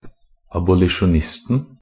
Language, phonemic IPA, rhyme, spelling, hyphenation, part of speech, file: Norwegian Bokmål, /abʊlɪʃʊnˈɪstn̩/, -ɪstn̩, abolisjonisten, ab‧o‧li‧sjon‧ist‧en, noun, NB - Pronunciation of Norwegian Bokmål «abolisjonisten».ogg
- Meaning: definite singular of abolisjonist